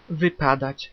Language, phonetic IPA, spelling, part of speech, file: Polish, [vɨˈpadat͡ɕ], wypadać, verb, Pl-wypadać.ogg